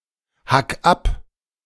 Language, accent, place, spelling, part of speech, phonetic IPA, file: German, Germany, Berlin, hack ab, verb, [ˌhak ˈap], De-hack ab.ogg
- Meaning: 1. singular imperative of abhacken 2. first-person singular present of abhacken